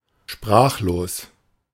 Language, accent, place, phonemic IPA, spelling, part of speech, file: German, Germany, Berlin, /ˈʃpʁaːχloːs/, sprachlos, adjective, De-sprachlos.ogg
- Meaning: speechless, dumbfounded, tongue-tied